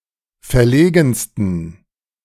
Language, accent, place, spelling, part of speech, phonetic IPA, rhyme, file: German, Germany, Berlin, verlegensten, adjective, [fɛɐ̯ˈleːɡn̩stən], -eːɡn̩stən, De-verlegensten.ogg
- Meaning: 1. superlative degree of verlegen 2. inflection of verlegen: strong genitive masculine/neuter singular superlative degree